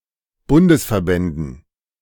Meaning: dative plural of Bundesverband
- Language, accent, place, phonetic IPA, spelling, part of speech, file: German, Germany, Berlin, [ˈbʊndəsfɛɐ̯ˌbɛndn̩], Bundesverbänden, noun, De-Bundesverbänden.ogg